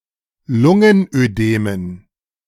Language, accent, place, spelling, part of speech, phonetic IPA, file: German, Germany, Berlin, Lungenödemen, noun, [ˈlʊŋənʔøˌdeːmən], De-Lungenödemen.ogg
- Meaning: dative plural of Lungenödem